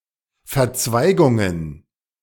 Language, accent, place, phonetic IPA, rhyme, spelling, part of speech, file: German, Germany, Berlin, [fɛɐ̯ˈt͡svaɪ̯ɡʊŋən], -aɪ̯ɡʊŋən, Verzweigungen, noun, De-Verzweigungen.ogg
- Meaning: plural of Verzweigung